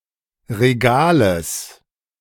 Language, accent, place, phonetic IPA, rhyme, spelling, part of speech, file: German, Germany, Berlin, [ʁeˈɡaːləs], -aːləs, Regales, noun, De-Regales.ogg
- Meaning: genitive of Regal